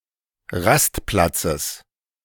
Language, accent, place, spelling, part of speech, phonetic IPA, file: German, Germany, Berlin, Rastplatzes, noun, [ˈʁastˌplat͡səs], De-Rastplatzes.ogg
- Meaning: genitive singular of Rastplatz